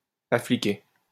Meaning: bauble
- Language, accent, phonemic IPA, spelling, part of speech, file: French, France, /a.fi.kɛ/, affiquet, noun, LL-Q150 (fra)-affiquet.wav